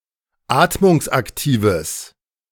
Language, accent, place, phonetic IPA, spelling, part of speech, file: German, Germany, Berlin, [ˈaːtmʊŋsʔakˌtiːvəs], atmungsaktives, adjective, De-atmungsaktives.ogg
- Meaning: strong/mixed nominative/accusative neuter singular of atmungsaktiv